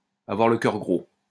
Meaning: to have a heavy heart, to be sad at heart
- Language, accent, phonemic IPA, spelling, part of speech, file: French, France, /a.vwaʁ lə kœʁ ɡʁo/, avoir le cœur gros, verb, LL-Q150 (fra)-avoir le cœur gros.wav